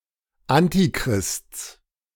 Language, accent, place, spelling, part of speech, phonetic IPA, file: German, Germany, Berlin, Antichrists, noun, [ˈantiˌkʁɪst͡s], De-Antichrists.ogg
- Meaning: genitive singular of Antichrist